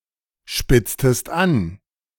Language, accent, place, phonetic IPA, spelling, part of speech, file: German, Germany, Berlin, [ˌʃpɪt͡stəst ˈan], spitztest an, verb, De-spitztest an.ogg
- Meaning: inflection of anspitzen: 1. second-person singular preterite 2. second-person singular subjunctive II